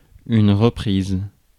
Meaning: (noun) 1. time, instance 2. resumption, restart: start after a pause, e.g. a second-half kick-off 3. resumption, restart: a round 4. economic recovery 5. repetition, reiteration: a reprise
- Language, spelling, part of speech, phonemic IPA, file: French, reprise, noun / verb, /ʁə.pʁiz/, Fr-reprise.ogg